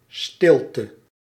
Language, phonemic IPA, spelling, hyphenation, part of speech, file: Dutch, /ˈstɪl.tə/, stilte, stil‧te, noun, Nl-stilte.ogg
- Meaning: silence